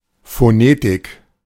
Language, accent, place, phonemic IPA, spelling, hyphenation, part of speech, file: German, Germany, Berlin, /foˈneːtɪk/, Phonetik, Pho‧ne‧tik, noun, De-Phonetik.ogg
- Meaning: phonetics (study of speech sounds and their representation by written symbols)